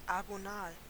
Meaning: 1. agonistic 2. agonal
- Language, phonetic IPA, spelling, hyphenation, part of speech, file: German, [aɡoˈnaːl], agonal, ago‧nal, adjective, De-agonal.ogg